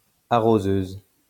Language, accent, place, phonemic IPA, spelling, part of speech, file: French, France, Lyon, /a.ʁo.zøz/, arroseuse, noun, LL-Q150 (fra)-arroseuse.wav
- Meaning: 1. water cart 2. waterer (feminine of: arroseur)